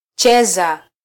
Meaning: 1. to play 2. to play a sport 3. to play around 4. to dance to music 5. to be loose, to shake about
- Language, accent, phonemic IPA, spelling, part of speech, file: Swahili, Kenya, /ˈtʃɛ.zɑ/, cheza, verb, Sw-ke-cheza.flac